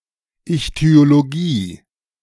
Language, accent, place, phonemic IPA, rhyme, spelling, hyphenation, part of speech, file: German, Germany, Berlin, /ɪçty̯oloˈɡiː/, -iː, Ichthyologie, Ich‧thyo‧lo‧gie, noun, De-Ichthyologie.ogg
- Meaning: ichthyology (branch of zoology devoted to the study of fish)